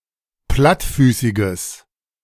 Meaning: strong/mixed nominative/accusative neuter singular of plattfüßig
- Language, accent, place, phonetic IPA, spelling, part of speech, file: German, Germany, Berlin, [ˈplatˌfyːsɪɡəs], plattfüßiges, adjective, De-plattfüßiges.ogg